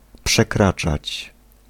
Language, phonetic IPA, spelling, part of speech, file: Polish, [pʃɛˈkrat͡ʃat͡ɕ], przekraczać, verb, Pl-przekraczać.ogg